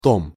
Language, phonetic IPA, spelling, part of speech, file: Russian, [tom], том, noun, Ru-том.ogg
- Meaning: volume (of a book, magazine or disk)